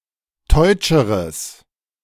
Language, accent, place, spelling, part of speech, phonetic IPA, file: German, Germany, Berlin, teutscheres, adjective, [ˈtɔɪ̯t͡ʃəʁəs], De-teutscheres.ogg
- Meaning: strong/mixed nominative/accusative neuter singular comparative degree of teutsch